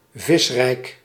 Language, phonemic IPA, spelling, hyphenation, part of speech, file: Dutch, /ˈvɪs.rɛi̯k/, visrijk, vis‧rijk, adjective, Nl-visrijk.ogg
- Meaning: fish-filled, fishful (abounding in fish, full of fish)